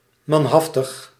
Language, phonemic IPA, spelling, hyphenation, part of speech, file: Dutch, /ˌmɑnˈɦɑf.təx/, manhaftig, man‧haf‧tig, adjective, Nl-manhaftig.ogg
- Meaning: 1. combative 2. daring, brave 3. manly